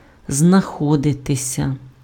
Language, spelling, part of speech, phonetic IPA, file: Ukrainian, знаходитися, verb, [znɐˈxɔdetesʲɐ], Uk-знаходитися.ogg
- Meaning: 1. passive of знахо́дити (znaxódyty): to be found 2. to be, to be located, to be situated, to be found